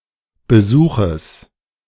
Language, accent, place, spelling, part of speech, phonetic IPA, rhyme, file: German, Germany, Berlin, Besuches, noun, [bəˈzuːxəs], -uːxəs, De-Besuches.ogg
- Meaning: genitive singular of Besuch